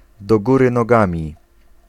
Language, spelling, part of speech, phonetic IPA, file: Polish, do góry nogami, adverbial phrase, [dɔ‿ˈɡurɨ nɔˈɡãmʲi], Pl-do góry nogami.ogg